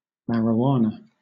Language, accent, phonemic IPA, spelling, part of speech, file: English, Southern England, /ˌmæɹɪˈwɑː.nə/, marijuana, noun, LL-Q1860 (eng)-marijuana.wav
- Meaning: 1. The inflorescence of the Cannabis sativa plant, smoked or ingested for euphoric effect 2. The hemp plant itself, Cannabis sativa